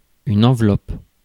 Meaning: 1. envelope (wrapper for mailing) 2. envelope (of a family of curves) 3. envelope (an enclosing structure or cover, such as a membrane)
- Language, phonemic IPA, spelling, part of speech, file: French, /ɑ̃.vlɔp/, enveloppe, noun, Fr-enveloppe.ogg